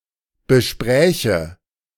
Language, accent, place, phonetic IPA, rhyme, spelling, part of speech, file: German, Germany, Berlin, [bəˈʃpʁɛːçə], -ɛːçə, bespräche, verb, De-bespräche.ogg
- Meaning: first/third-person singular subjunctive II of besprechen